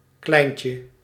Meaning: 1. little one 2. child
- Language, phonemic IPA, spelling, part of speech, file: Dutch, /ˈklɛi̯n.tjə/, kleintje, noun, Nl-kleintje.ogg